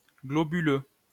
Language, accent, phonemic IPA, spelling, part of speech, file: French, France, /ɡlɔ.by.lø/, globuleux, adjective, LL-Q150 (fra)-globuleux.wav
- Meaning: 1. globular 2. protruding